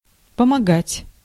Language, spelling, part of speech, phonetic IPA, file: Russian, помогать, verb, [pəmɐˈɡatʲ], Ru-помогать.ogg
- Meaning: 1. to help 2. to aid, to assist materially 3. to avail, to work (to have the desired effect)